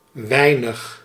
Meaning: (determiner) little, few, not much, not many; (pronoun) little, not much, not a lot; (adverb) 1. little, not much 2. not often
- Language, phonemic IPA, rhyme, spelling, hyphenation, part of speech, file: Dutch, /ˈʋɛi̯nəx/, -ɛi̯nəx, weinig, wei‧nig, determiner / pronoun / adverb, Nl-weinig.ogg